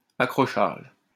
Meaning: 1. collision, bump 2. clash 3. the area of a coalmine where full tubs are loaded into the cage for hoisting to the surface; pit bottom, pit eye
- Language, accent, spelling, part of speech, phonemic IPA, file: French, France, accrochage, noun, /a.kʁɔ.ʃaʒ/, LL-Q150 (fra)-accrochage.wav